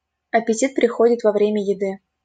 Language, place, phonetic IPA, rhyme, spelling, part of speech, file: Russian, Saint Petersburg, [ɐpʲɪˈtʲit prʲɪˈxodʲɪt vɐ‿ˈvrʲemʲə (j)ɪˈdɨ], -ɨ, аппетит приходит во время еды, phrase, LL-Q7737 (rus)-аппетит приходит во время еды.wav
- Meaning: appetite comes with eating